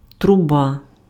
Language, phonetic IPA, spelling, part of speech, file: Ukrainian, [trʊˈba], труба, noun, Uk-труба.ogg
- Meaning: 1. trumpet 2. pipe, tube